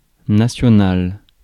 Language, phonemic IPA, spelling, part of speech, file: French, /na.sjɔ.nal/, national, adjective, Fr-national.ogg
- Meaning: national